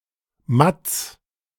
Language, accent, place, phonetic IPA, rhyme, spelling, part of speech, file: German, Germany, Berlin, [mat͡s], -at͡s, Matz, proper noun / noun, De-Matz.ogg
- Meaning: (proper noun) a diminutive of the male given name Matthias; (noun) 1. boy 2. pig